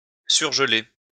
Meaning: to deep-freeze
- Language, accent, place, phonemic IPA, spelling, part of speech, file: French, France, Lyon, /syʁ.ʒə.le/, surgeler, verb, LL-Q150 (fra)-surgeler.wav